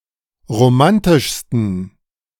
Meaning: 1. superlative degree of romantisch 2. inflection of romantisch: strong genitive masculine/neuter singular superlative degree
- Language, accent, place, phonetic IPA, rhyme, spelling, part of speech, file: German, Germany, Berlin, [ʁoˈmantɪʃstn̩], -antɪʃstn̩, romantischsten, adjective, De-romantischsten.ogg